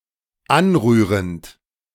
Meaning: present participle of anrühren
- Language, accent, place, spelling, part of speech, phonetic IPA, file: German, Germany, Berlin, anrührend, verb, [ˈanˌʁyːʁənt], De-anrührend.ogg